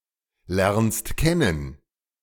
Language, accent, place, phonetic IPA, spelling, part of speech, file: German, Germany, Berlin, [ˌlɛʁnst ˈkɛnən], lernst kennen, verb, De-lernst kennen.ogg
- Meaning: second-person singular present of kennen lernen